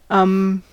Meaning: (interjection) 1. Expression of hesitation, uncertainty or space filler in conversation 2. Dated spelling of mmm 3. An expression to forcefully call attention to something wrong
- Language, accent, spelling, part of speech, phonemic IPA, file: English, US, um, interjection / verb / noun, /ʌm/, En-us-um.ogg